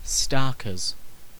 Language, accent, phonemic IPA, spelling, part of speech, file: English, UK, /ˈstɑːkəz/, starkers, adjective, En-uk-starkers.ogg
- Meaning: 1. Completely nude 2. Stark raving mad